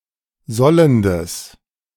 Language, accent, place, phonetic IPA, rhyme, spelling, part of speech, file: German, Germany, Berlin, [ˈzɔləndəs], -ɔləndəs, sollendes, adjective, De-sollendes.ogg
- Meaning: strong/mixed nominative/accusative neuter singular of sollend